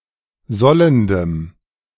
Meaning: strong dative masculine/neuter singular of sollend
- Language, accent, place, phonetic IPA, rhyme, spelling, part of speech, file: German, Germany, Berlin, [ˈzɔləndəm], -ɔləndəm, sollendem, adjective, De-sollendem.ogg